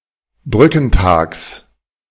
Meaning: genitive singular of Brückentag
- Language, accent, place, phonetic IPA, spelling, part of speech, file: German, Germany, Berlin, [ˈbʁʏkn̩ˌtaːks], Brückentags, noun, De-Brückentags.ogg